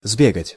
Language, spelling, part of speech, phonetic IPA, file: Russian, сбегать, verb, [ˈzbʲeɡətʲ], Ru-сбе́гать.ogg
- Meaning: to run (to a place) and get back, to run (for), to go and get